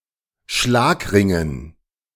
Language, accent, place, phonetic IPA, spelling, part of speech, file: German, Germany, Berlin, [ˈʃlaːkˌʁɪŋən], Schlagringen, noun, De-Schlagringen.ogg
- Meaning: dative plural of Schlagring